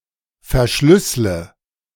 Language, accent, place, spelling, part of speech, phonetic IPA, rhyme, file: German, Germany, Berlin, verschlüssle, verb, [fɛɐ̯ˈʃlʏslə], -ʏslə, De-verschlüssle.ogg
- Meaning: inflection of verschlüsseln: 1. first-person singular present 2. first/third-person singular subjunctive I 3. singular imperative